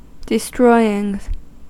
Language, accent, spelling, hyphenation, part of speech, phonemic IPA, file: English, US, destroying, de‧stroy‧ing, verb, /dɪˈstɹɔɪ(j)ɪŋ/, En-us-destroying.ogg
- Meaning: present participle and gerund of destroy